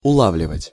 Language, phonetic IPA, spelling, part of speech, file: Russian, [ʊˈɫavlʲɪvətʲ], улавливать, verb, Ru-улавливать.ogg
- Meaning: 1. to detect, to catch, to perceive 2. to locate, to pick up, to receive 3. to catch, to understand